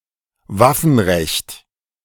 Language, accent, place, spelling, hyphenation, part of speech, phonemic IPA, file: German, Germany, Berlin, Waffenrecht, Waf‧fen‧recht, noun, /ˈvafn̩ˌʁɛçt/, De-Waffenrecht.ogg
- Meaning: weapon (i.e. knife, gun, etc.) laws